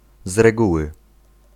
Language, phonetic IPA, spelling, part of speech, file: Polish, [z‿rɛˈɡuwɨ], z reguły, adverbial phrase, Pl-z reguły.ogg